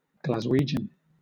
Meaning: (adjective) Of or relating to Glasgow in Scotland; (noun) A native or resident of Glasgow; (proper noun) The dialect of Scottish English spoken in Glasgow
- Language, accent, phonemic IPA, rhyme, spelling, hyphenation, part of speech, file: English, Southern England, /ɡlazˈwiːdʒən/, -iːdʒən, Glaswegian, Glas‧we‧gian, adjective / noun / proper noun, LL-Q1860 (eng)-Glaswegian.wav